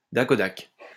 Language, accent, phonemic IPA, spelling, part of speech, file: French, France, /da.kɔ.dak/, dacodac, interjection, LL-Q150 (fra)-dacodac.wav
- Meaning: okey-dokey